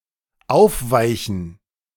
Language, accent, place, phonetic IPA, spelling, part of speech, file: German, Germany, Berlin, [ˈaʊ̯fˌvaɪ̯çn̩], aufweichen, verb, De-aufweichen.ogg
- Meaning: to soften